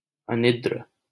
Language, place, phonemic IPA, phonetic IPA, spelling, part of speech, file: Hindi, Delhi, /ə.nɪd̪.ɾᵊ/, [ɐ.nɪd̪.ɾᵊ], अनिद्र, adjective, LL-Q1568 (hin)-अनिद्र.wav
- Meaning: 1. awake 2. wakeful 3. sleepless